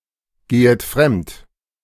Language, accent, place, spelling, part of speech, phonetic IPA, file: German, Germany, Berlin, gehet fremd, verb, [ˌɡeːət ˈfʁɛmt], De-gehet fremd.ogg
- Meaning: second-person plural subjunctive I of fremdgehen